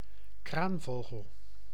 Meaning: 1. A crane; a bird of the Gruidae family 2. common crane (Grus grus)
- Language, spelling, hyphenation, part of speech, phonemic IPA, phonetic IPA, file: Dutch, kraanvogel, kraan‧vo‧gel, noun, /ˈkraːnˌvoːɣəl/, [ˈkraːɱˌvoːɣəl], Nl-kraanvogel.ogg